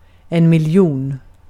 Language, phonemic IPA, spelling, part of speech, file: Swedish, /mɪlˈjuːn/, miljon, numeral, Sv-miljon.ogg
- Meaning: A million, 10⁶